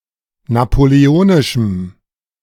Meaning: strong dative masculine/neuter singular of napoleonisch
- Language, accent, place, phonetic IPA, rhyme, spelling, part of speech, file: German, Germany, Berlin, [napoleˈoːnɪʃm̩], -oːnɪʃm̩, napoleonischem, adjective, De-napoleonischem.ogg